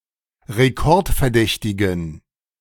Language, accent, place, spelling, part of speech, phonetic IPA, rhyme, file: German, Germany, Berlin, rekordverdächtigen, adjective, [ʁeˈkɔʁtfɛɐ̯ˌdɛçtɪɡn̩], -ɔʁtfɛɐ̯dɛçtɪɡn̩, De-rekordverdächtigen.ogg
- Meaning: inflection of rekordverdächtig: 1. strong genitive masculine/neuter singular 2. weak/mixed genitive/dative all-gender singular 3. strong/weak/mixed accusative masculine singular